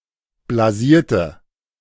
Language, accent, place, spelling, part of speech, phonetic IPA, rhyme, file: German, Germany, Berlin, blasierte, adjective, [blaˈziːɐ̯tə], -iːɐ̯tə, De-blasierte.ogg
- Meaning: inflection of blasiert: 1. strong/mixed nominative/accusative feminine singular 2. strong nominative/accusative plural 3. weak nominative all-gender singular